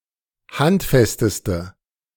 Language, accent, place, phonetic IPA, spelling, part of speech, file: German, Germany, Berlin, [ˈhantˌfɛstəstə], handfesteste, adjective, De-handfesteste.ogg
- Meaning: inflection of handfest: 1. strong/mixed nominative/accusative feminine singular superlative degree 2. strong nominative/accusative plural superlative degree